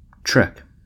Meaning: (noun) 1. A journey by ox wagon 2. The Boer migration of 1835–1837 3. A slow or difficult journey 4. A long walk; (verb) To make a slow or arduous journey
- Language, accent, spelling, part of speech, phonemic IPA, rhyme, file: English, US, trek, noun / verb, /tɹɛk/, -ɛk, En-us-trek.ogg